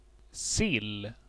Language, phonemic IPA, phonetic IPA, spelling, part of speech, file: Swedish, /sɪl/, [sɪlː], sill, noun, Sv-sill.ogg
- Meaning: herring